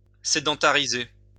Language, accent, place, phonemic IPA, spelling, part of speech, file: French, France, Lyon, /se.dɑ̃.ta.ʁi.ze/, sédentariser, verb, LL-Q150 (fra)-sédentariser.wav
- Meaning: 1. to settle (set up as a swelling) 2. to settle (establish as a home)